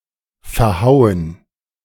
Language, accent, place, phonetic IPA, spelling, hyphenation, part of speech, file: German, Germany, Berlin, [fɛɐ̯ˈhaʊ̯ən], verhauen, ver‧hau‧en, verb, De-verhauen.ogg
- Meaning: 1. to bash up, trounce 2. to miscalculate 3. to flunk